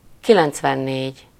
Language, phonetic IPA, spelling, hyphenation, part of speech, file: Hungarian, [ˈkilɛnt͡svɛnːeːɟ], kilencvennégy, ki‧lenc‧ven‧négy, numeral, Hu-kilencvennégy.ogg
- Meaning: ninety-four